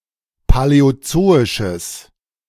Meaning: strong/mixed nominative/accusative neuter singular of paläozoisch
- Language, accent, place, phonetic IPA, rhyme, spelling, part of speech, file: German, Germany, Berlin, [palɛoˈt͡soːɪʃəs], -oːɪʃəs, paläozoisches, adjective, De-paläozoisches.ogg